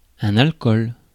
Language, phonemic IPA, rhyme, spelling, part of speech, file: French, /al.kɔl/, -ɔl, alcool, noun, Fr-alcool.ogg
- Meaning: 1. alcohol, especially domestic, medical, methylated spirits 2. spirits, hard liquor (strong alcoholic beverage, excludes wine, cider, beer)